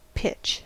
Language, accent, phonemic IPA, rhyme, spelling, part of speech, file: English, US, /pɪt͡ʃ/, -ɪtʃ, pitch, noun / verb / adjective, En-us-pitch.ogg
- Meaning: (noun) 1. A sticky, gummy substance secreted by trees; tree sap 2. A sticky, gummy substance secreted by trees; tree sap.: Anything similar to or derived from tree sap: resin; rosin